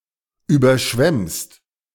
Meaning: second-person singular present of überschwemmen
- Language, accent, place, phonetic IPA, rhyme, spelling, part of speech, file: German, Germany, Berlin, [ˌyːbɐˈʃvɛmst], -ɛmst, überschwemmst, verb, De-überschwemmst.ogg